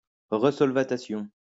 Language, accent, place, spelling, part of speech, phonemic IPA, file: French, France, Lyon, resolvatation, noun, /ʁə.sɔl.va.ta.sjɔ̃/, LL-Q150 (fra)-resolvatation.wav
- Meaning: resolvation